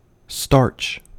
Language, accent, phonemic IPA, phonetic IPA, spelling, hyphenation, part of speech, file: English, US, /ˈstɑɹt͡ʃ/, [ˈstɑɹt͡ʃ], starch, starch, noun / verb / adjective, En-us-starch.ogg